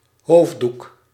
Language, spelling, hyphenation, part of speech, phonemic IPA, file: Dutch, hoofddoek, hoofd‧doek, noun, /ˈɦoːf.duk/, Nl-hoofddoek.ogg
- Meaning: headscarf, a more or less rectangular cloth worn over the head, mainly by women, now usually by Muslimas